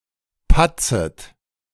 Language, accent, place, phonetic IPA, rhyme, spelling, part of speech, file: German, Germany, Berlin, [ˈpat͡sət], -at͡sət, patzet, verb, De-patzet.ogg
- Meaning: second-person plural subjunctive I of patzen